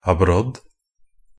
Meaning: the southernwood, Artemisia abrotanum (an aromatic shrub, related to wormwood)
- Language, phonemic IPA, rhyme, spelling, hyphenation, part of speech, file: Norwegian Bokmål, /aˈbrɔd/, -ɔd, abrodd, ab‧rodd, noun, NB - Pronunciation of Norwegian Bokmål «abrodd».ogg